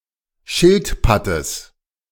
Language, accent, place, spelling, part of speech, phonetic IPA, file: German, Germany, Berlin, Schildpattes, noun, [ˈʃɪltˌpatəs], De-Schildpattes.ogg
- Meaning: genitive of Schildpatt